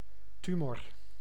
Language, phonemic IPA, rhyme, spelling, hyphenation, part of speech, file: Dutch, /ˈty.mɔr/, -ymɔr, tumor, tu‧mor, noun, Nl-tumor.ogg
- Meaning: tumour, swelling